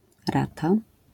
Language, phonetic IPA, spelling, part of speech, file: Polish, [ˈrata], rata, noun, LL-Q809 (pol)-rata.wav